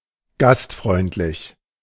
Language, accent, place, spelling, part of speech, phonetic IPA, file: German, Germany, Berlin, gastfreundlich, adjective, [ˈɡastˌfʁɔɪ̯ntlɪç], De-gastfreundlich.ogg
- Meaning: hospitable